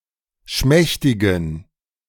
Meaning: inflection of schmächtig: 1. strong genitive masculine/neuter singular 2. weak/mixed genitive/dative all-gender singular 3. strong/weak/mixed accusative masculine singular 4. strong dative plural
- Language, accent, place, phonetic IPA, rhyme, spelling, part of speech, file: German, Germany, Berlin, [ˈʃmɛçtɪɡn̩], -ɛçtɪɡn̩, schmächtigen, adjective, De-schmächtigen.ogg